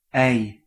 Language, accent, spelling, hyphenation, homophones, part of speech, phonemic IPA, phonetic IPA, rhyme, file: Dutch, Netherlands, ei, ei, ij / IJ / -ij, noun, /ɛi̯/, [ɛi̯], -ɛi̯, Nl-ei.ogg
- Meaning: 1. egg 2. female gamete 3. The digraph ei